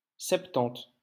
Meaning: seventy
- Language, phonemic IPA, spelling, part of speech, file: French, /sɛp.tɑ̃t/, septante, numeral, LL-Q150 (fra)-septante.wav